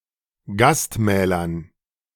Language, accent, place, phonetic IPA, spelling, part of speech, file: German, Germany, Berlin, [ˈɡastˌmɛːlɐn], Gastmählern, noun, De-Gastmählern.ogg
- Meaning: dative plural of Gastmahl